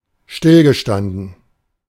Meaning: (verb) past participle of stillstehen; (interjection) attention (command that soldiers stand with their feet together and hands at their hips)
- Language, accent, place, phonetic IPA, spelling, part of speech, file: German, Germany, Berlin, [ˈʃtɪlɡəˌʃtandn̩], stillgestanden, verb, De-stillgestanden.ogg